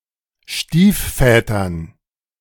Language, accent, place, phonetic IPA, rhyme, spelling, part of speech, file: German, Germany, Berlin, [ˈʃtiːfˌfɛːtɐn], -iːffɛːtɐn, Stiefvätern, noun, De-Stiefvätern.ogg
- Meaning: dative plural of Stiefvater